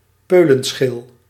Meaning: 1. a pod, notably beans' or peas' natural casing 2. a pittance 3. a piece of cake, a cakewalk, something very easy 4. a physically insignificant person
- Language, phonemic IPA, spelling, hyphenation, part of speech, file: Dutch, /ˈpøː.lə(n)ˌsxɪl/, peulenschil, peu‧len‧schil, noun, Nl-peulenschil.ogg